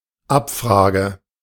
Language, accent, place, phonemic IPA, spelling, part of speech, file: German, Germany, Berlin, /ˈʔapˌfʁaːɡə/, Abfrage, noun, De-Abfrage.ogg
- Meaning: query